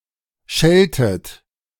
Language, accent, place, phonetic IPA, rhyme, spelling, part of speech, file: German, Germany, Berlin, [ˈʃɛltət], -ɛltət, scheltet, verb, De-scheltet.ogg
- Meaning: inflection of schelten: 1. second-person plural present 2. second-person plural subjunctive I 3. plural imperative